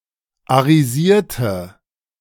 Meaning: inflection of arisieren: 1. first/third-person singular preterite 2. first/third-person singular subjunctive II
- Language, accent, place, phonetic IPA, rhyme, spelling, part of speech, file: German, Germany, Berlin, [aʁiˈziːɐ̯tə], -iːɐ̯tə, arisierte, adjective / verb, De-arisierte.ogg